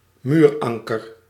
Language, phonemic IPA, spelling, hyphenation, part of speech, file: Dutch, /ˈmyːrˌɑŋ.kər/, muuranker, muur‧an‧ker, noun, Nl-muuranker.ogg
- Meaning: cramp iron, anchor plate, brace (metal plate connected to a wall)